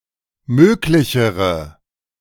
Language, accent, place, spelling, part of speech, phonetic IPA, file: German, Germany, Berlin, möglichere, adjective, [ˈmøːklɪçəʁə], De-möglichere.ogg
- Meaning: inflection of möglich: 1. strong/mixed nominative/accusative feminine singular comparative degree 2. strong nominative/accusative plural comparative degree